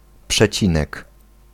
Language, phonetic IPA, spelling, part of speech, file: Polish, [pʃɛˈt͡ɕĩnɛk], przecinek, noun, Pl-przecinek.ogg